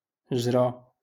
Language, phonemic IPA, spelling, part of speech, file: Moroccan Arabic, /ʒra/, جرى, verb, LL-Q56426 (ary)-جرى.wav
- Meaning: 1. to run 2. to happen, to occur